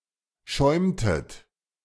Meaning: inflection of schäumen: 1. second-person plural preterite 2. second-person plural subjunctive II
- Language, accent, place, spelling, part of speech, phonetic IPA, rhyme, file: German, Germany, Berlin, schäumtet, verb, [ˈʃɔɪ̯mtət], -ɔɪ̯mtət, De-schäumtet.ogg